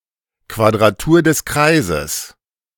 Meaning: 1. squaring the circle 2. an impossible problem or endeavour; (hence also) something futile
- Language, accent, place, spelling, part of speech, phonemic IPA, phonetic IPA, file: German, Germany, Berlin, Quadratur des Kreises, noun, /kvadraˈtuːr dəs ˈkraɪ̯zəs/, [kʋa.dʁaˈtu(ː)ɐ̯ dəs ˈkʁaɪ̯.zəs], De-Quadratur des Kreises.ogg